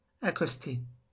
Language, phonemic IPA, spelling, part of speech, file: French, /a.kɔs.te/, accoster, verb, LL-Q150 (fra)-accoster.wav
- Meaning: 1. to come ashore 2. to lay something next to another object 3. to approach someone; to interrupt someone (especially a stranger, in the street)